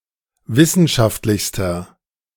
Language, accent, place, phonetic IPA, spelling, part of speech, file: German, Germany, Berlin, [ˈvɪsn̩ʃaftlɪçstɐ], wissenschaftlichster, adjective, De-wissenschaftlichster.ogg
- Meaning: inflection of wissenschaftlich: 1. strong/mixed nominative masculine singular superlative degree 2. strong genitive/dative feminine singular superlative degree